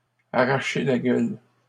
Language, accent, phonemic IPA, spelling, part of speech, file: French, Canada, /a.ʁa.ʃe la ɡœl/, arracher la gueule, verb, LL-Q150 (fra)-arracher la gueule.wav
- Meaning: 1. to hurt, to kill, to be too much to ask 2. to be very spicy, to be very hot, to blow someone's head off (of food)